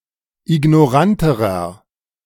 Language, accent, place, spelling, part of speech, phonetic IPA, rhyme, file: German, Germany, Berlin, ignoranterer, adjective, [ɪɡnɔˈʁantəʁɐ], -antəʁɐ, De-ignoranterer.ogg
- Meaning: inflection of ignorant: 1. strong/mixed nominative masculine singular comparative degree 2. strong genitive/dative feminine singular comparative degree 3. strong genitive plural comparative degree